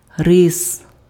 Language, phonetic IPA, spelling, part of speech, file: Ukrainian, [rɪs], рис, noun, Uk-рис.ogg
- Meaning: 1. rice, paddy (plants) 2. rice (food) 3. genitive plural of ри́са (rýsa)